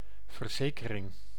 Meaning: 1. insurance 2. insurance: life insurance 3. assurance, act of assuring, something that one has assured
- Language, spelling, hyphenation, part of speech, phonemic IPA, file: Dutch, verzekering, ver‧ze‧ke‧ring, noun, /vərˈzeː.kə.rɪŋ/, Nl-verzekering.ogg